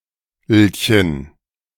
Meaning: 1. used to make diminutives of nouns with a stem ending in -ch, and a few with a stem ending in -g 2. used to make diminutives of words with other final sounds, particularly -k and -ng
- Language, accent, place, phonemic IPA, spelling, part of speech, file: German, Germany, Berlin, /əlçən/, -elchen, suffix, De--elchen.ogg